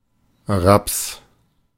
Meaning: 1. rapeseed (Brassica napus) 2. plural of Rap
- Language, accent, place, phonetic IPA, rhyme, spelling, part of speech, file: German, Germany, Berlin, [ʁaps], -aps, Raps, noun, De-Raps.ogg